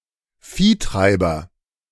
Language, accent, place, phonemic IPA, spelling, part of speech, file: German, Germany, Berlin, /ˈfiːˌtʁaɪ̯bɐ/, Viehtreiber, noun, De-Viehtreiber.ogg
- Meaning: 1. drover 2. cattle prod